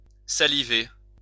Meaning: 1. to salivate (produce saliva) 2. to salivate (to show eager anticipation)
- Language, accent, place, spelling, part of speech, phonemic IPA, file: French, France, Lyon, saliver, verb, /sa.li.ve/, LL-Q150 (fra)-saliver.wav